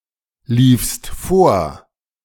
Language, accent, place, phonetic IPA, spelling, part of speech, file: German, Germany, Berlin, [ˌliːfst ˈfoːɐ̯], liefst vor, verb, De-liefst vor.ogg
- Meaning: second-person singular preterite of vorlaufen